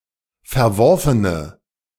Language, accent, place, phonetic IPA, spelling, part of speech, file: German, Germany, Berlin, [fɛɐ̯ˈvɔʁfənə], verworfene, adjective, De-verworfene.ogg
- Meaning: inflection of verworfen: 1. strong/mixed nominative/accusative feminine singular 2. strong nominative/accusative plural 3. weak nominative all-gender singular